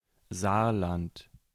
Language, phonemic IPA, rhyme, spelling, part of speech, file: German, /ˈzaːrlant/, -ant, Saarland, proper noun, De-Saarland.ogg
- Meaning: Saarland (a state of modern Germany)